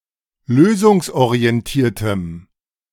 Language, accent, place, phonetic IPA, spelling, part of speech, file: German, Germany, Berlin, [ˈløːzʊŋsʔoʁiɛnˌtiːɐ̯təm], lösungsorientiertem, adjective, De-lösungsorientiertem.ogg
- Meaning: strong dative masculine/neuter singular of lösungsorientiert